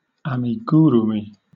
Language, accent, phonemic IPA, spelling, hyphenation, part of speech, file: English, Southern England, /ɑːmɪˈɡuːɹuːmɪ/, amigurumi, ami‧gu‧ru‧mi, noun, LL-Q1860 (eng)-amigurumi.wav
- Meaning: 1. The Japanese art of crocheting or knitting stuffed yarn toys, typically creatures having oversized heads 2. Such a stuffed toy crocheted or knitted from yarn